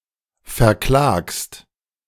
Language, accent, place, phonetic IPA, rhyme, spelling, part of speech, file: German, Germany, Berlin, [fɛɐ̯ˈklaːkst], -aːkst, verklagst, verb, De-verklagst.ogg
- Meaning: second-person singular present of verklagen